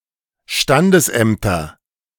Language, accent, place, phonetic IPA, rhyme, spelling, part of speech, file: German, Germany, Berlin, [ˈʃtandəsˌʔɛmtɐ], -andəsʔɛmtɐ, Standesämter, noun, De-Standesämter.ogg
- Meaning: nominative/accusative/genitive plural of Standesamt